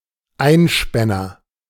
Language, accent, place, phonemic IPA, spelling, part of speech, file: German, Germany, Berlin, /ˈaɪ̯nˌʃpɛnɐ/, Einspänner, noun, De-Einspänner.ogg
- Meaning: 1. one-horse carriage 2. A solitary person; someone who only lives for themselves 3. bachelor (unmarried man) 4. Viennese coffee (espresso and whipped cream served in a glass) 5. a sausage link